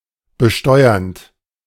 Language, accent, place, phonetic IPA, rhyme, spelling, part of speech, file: German, Germany, Berlin, [bəˈʃtɔɪ̯ɐnt], -ɔɪ̯ɐnt, besteuernd, verb, De-besteuernd.ogg
- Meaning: present participle of besteuern